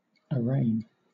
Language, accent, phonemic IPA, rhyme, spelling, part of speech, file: English, Southern England, /əˈɹeɪn/, -eɪn, arraign, verb / noun, LL-Q1860 (eng)-arraign.wav
- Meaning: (verb) 1. To officially charge someone in a court of law 2. To call to account, or accuse, before the bar of reason, taste, or any other tribunal; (noun) Arraignment